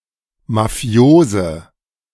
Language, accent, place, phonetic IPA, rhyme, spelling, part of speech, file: German, Germany, Berlin, [maˈfi̯oːzə], -oːzə, mafiose, adjective, De-mafiose.ogg
- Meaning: inflection of mafios: 1. strong/mixed nominative/accusative feminine singular 2. strong nominative/accusative plural 3. weak nominative all-gender singular 4. weak accusative feminine/neuter singular